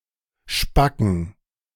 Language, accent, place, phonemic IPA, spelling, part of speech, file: German, Germany, Berlin, /ˈʃpakən/, Spacken, noun, De-Spacken.ogg
- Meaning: spack, idiot